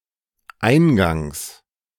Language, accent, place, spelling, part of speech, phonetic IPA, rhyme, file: German, Germany, Berlin, eingangs, adverb / preposition, [ˈaɪ̯nɡaŋs], -aɪ̯nɡaŋs, De-eingangs.ogg
- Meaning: at the beginning, as part of the introduction (of an event or text)